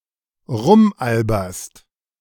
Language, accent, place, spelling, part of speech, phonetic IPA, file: German, Germany, Berlin, rumalberst, verb, [ˈʁʊmˌʔalbɐst], De-rumalberst.ogg
- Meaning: second-person singular present of rumalbern